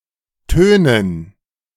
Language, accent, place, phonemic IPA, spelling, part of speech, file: German, Germany, Berlin, /ˈtøːnən/, tönen, verb, De-tönen.ogg
- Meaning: 1. to give a loud and far-reaching sound 2. to sound; to give or have a sound 3. to boast; to brag (particularly about an intention to do something)